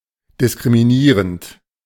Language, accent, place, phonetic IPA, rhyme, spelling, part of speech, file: German, Germany, Berlin, [dɪskʁimiˈniːʁənt], -iːʁənt, diskriminierend, adjective / verb, De-diskriminierend.ogg
- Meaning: present participle of diskriminieren